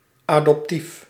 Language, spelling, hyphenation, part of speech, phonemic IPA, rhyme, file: Dutch, adoptief, adop‧tief, adjective, /ˌaː.dɔpˈtif/, -if, Nl-adoptief.ogg
- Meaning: adoptive, by or relating to adoption